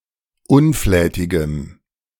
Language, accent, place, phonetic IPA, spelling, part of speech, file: German, Germany, Berlin, [ˈʊnˌflɛːtɪɡəm], unflätigem, adjective, De-unflätigem.ogg
- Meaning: strong dative masculine/neuter singular of unflätig